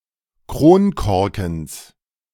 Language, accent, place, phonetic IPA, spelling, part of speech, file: German, Germany, Berlin, [ˈkʁoːnˌkɔʁkŋ̩s], Kronkorkens, noun, De-Kronkorkens.ogg
- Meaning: genitive singular of Kronkorken